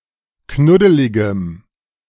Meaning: strong dative masculine/neuter singular of knuddelig
- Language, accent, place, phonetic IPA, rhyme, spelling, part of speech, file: German, Germany, Berlin, [ˈknʊdəlɪɡəm], -ʊdəlɪɡəm, knuddeligem, adjective, De-knuddeligem.ogg